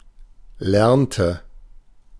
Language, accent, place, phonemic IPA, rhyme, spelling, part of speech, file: German, Germany, Berlin, /ˈlɛʁntə/, -tə, lernte, verb, De-lernte.ogg
- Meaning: inflection of lernen: 1. first/third-person singular preterite 2. first/third-person singular subjunctive II